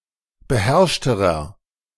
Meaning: inflection of beherrscht: 1. strong/mixed nominative masculine singular comparative degree 2. strong genitive/dative feminine singular comparative degree 3. strong genitive plural comparative degree
- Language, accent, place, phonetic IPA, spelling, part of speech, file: German, Germany, Berlin, [bəˈhɛʁʃtəʁɐ], beherrschterer, adjective, De-beherrschterer.ogg